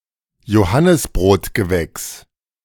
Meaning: any plant of the Caesalpinioideae subfamily
- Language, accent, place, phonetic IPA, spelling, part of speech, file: German, Germany, Berlin, [joˈhanɪsbʁoːtɡəˌvɛks], Johannisbrotgewächs, noun, De-Johannisbrotgewächs.ogg